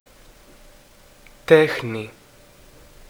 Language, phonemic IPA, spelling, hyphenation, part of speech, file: Greek, /ˈte.xni/, τέχνη, τέ‧χνη, noun, Ell-Techni.ogg
- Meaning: art, craftsmanship, style